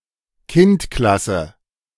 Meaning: synonym of Unterklasse
- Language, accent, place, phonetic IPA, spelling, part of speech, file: German, Germany, Berlin, [ˈkɪntˌklasə], Kindklasse, noun, De-Kindklasse.ogg